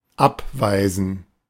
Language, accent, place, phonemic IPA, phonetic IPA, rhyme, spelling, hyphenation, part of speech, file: German, Germany, Berlin, /ˈapˌvaɪ̯zən/, [ˈʔapˌvaɪ̯zn̩], -aɪ̯zn̩, abweisen, ab‧wei‧sen, verb, De-abweisen.ogg
- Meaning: 1. to dismiss (reject) 2. to repel an attack